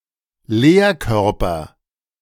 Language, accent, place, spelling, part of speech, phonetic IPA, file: German, Germany, Berlin, Lehrkörper, noun, [ˈleːɐ̯ˌkœʁpɐ], De-Lehrkörper.ogg
- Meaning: 1. faculty (staff of teachers) 2. a teacher